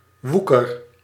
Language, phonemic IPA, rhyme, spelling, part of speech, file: Dutch, /ʋukər/, -ukər, woeker, noun, Nl-woeker.ogg
- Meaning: usury: 1. lending money at interest 2. lending money at an interest perceived to be excessive